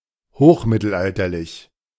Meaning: High Medieval (relating to the High Middle Ages)
- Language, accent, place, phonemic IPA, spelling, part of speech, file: German, Germany, Berlin, /ˈmɪtl̩ˌʔaltɐlɪç/, hochmittelalterlich, adjective, De-hochmittelalterlich.ogg